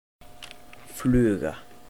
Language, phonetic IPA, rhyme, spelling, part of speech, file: Icelandic, [ˈflʏːɣa], -ʏːɣa, fluga, noun, Is-fluga.oga
- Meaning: 1. fly (insect) 2. fly (a lure resembling an insect) 3. a shuttlecock (a lightweight object used as a ball) 4. indefinite genitive plural of flug